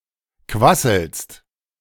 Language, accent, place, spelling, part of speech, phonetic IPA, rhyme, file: German, Germany, Berlin, quasselst, verb, [ˈkvasl̩st], -asl̩st, De-quasselst.ogg
- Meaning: second-person singular present of quasseln